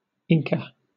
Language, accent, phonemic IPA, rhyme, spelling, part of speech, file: English, Southern England, /ˈɪŋkə/, -ɪŋkə, Inca, noun, LL-Q1860 (eng)-Inca.wav
- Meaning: A member of the group of Quechuan peoples of highland Peru who established an empire from northern Ecuador to central Chile before the Spanish conquest